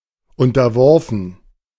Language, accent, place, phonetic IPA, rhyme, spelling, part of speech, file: German, Germany, Berlin, [ˌʊntɐˈvɔʁfn̩], -ɔʁfn̩, unterworfen, verb, De-unterworfen.ogg
- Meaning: past participle of unterwerfen